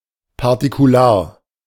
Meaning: particularistic
- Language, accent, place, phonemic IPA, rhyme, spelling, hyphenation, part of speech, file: German, Germany, Berlin, /paʁtikuˈlaːɐ̯/, -aːɐ̯, partikular, par‧ti‧ku‧lar, adjective, De-partikular.ogg